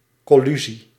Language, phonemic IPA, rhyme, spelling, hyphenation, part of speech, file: Dutch, /kɔˈly.zi/, -yzi, collusie, col‧lu‧sie, noun, Nl-collusie.ogg
- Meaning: conspiracy, collusion (secret, illicit collaboration)